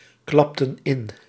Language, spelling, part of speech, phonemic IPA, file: Dutch, klapten in, verb, /ˈklɑptə(n) ˈɪn/, Nl-klapten in.ogg
- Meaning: inflection of inklappen: 1. plural past indicative 2. plural past subjunctive